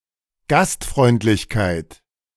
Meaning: hospitality (act or service)
- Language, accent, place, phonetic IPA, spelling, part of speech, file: German, Germany, Berlin, [ˈɡastfʁɔɪ̯ntlɪçkaɪ̯t], Gastfreundlichkeit, noun, De-Gastfreundlichkeit.ogg